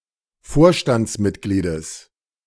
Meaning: genitive singular of Vorstandsmitglied
- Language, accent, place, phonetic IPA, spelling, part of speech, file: German, Germany, Berlin, [ˈfoːɐ̯ʃtant͡sˌmɪtɡliːdəs], Vorstandsmitgliedes, noun, De-Vorstandsmitgliedes.ogg